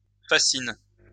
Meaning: inflection of fasciner: 1. first/third-person singular present indicative/subjunctive 2. second-person singular imperative
- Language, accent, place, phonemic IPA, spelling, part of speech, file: French, France, Lyon, /fa.sin/, fascine, verb, LL-Q150 (fra)-fascine.wav